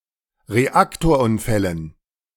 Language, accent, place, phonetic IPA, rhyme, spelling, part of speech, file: German, Germany, Berlin, [ʁeˈaktoːɐ̯ˌʔʊnfɛlən], -aktoːɐ̯ʔʊnfɛlən, Reaktorunfällen, noun, De-Reaktorunfällen.ogg
- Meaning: dative plural of Reaktorunfall